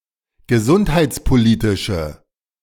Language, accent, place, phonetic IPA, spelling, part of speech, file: German, Germany, Berlin, [ɡəˈzʊnthaɪ̯t͡spoˌliːtɪʃə], gesundheitspolitische, adjective, De-gesundheitspolitische.ogg
- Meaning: inflection of gesundheitspolitisch: 1. strong/mixed nominative/accusative feminine singular 2. strong nominative/accusative plural 3. weak nominative all-gender singular